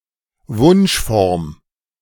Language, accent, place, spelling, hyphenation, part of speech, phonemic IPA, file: German, Germany, Berlin, Wunschform, Wunsch‧form, noun, /ˈvʊnʃˌfɔʁm/, De-Wunschform.ogg
- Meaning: 1. optative 2. desired form